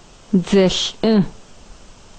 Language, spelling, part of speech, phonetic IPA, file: Adyghe, дзэлӏы, noun, [d͡zaɬʼə], Dzalhaa.ogg
- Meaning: soldier